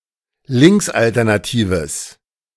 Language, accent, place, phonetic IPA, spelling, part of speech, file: German, Germany, Berlin, [ˈlɪŋksʔaltɛʁnaˌtiːvəs], linksalternatives, adjective, De-linksalternatives.ogg
- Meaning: strong/mixed nominative/accusative neuter singular of linksalternativ